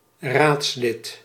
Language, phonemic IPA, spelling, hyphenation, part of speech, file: Dutch, /ˈraːts.lɪt/, raadslid, raads‧lid, noun, Nl-raadslid.ogg
- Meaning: a councillor, a council member; in particular a member of a municipal council